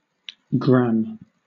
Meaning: Alternative spelling of gram
- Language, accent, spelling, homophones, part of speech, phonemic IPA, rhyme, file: English, Southern England, gramme, gram, noun, /ɡɹæm/, -æm, LL-Q1860 (eng)-gramme.wav